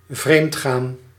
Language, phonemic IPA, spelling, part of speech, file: Dutch, /ˈvreːmtxaːn/, vreemdgaan, verb, Nl-vreemdgaan.ogg
- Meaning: to cheat; to wander (have sexual or romantic relations with another than one's stable partner, typically in secrecy)